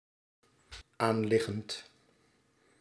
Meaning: present participle of aanliggen
- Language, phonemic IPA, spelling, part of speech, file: Dutch, /anˈlɪɣənt/, aanliggend, adjective / verb, Nl-aanliggend.ogg